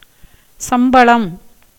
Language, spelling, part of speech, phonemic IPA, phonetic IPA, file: Tamil, சம்பளம், noun, /tʃɐmbɐɭɐm/, [sɐmbɐɭɐm], Ta-சம்பளம்.ogg
- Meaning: salary, wages, pay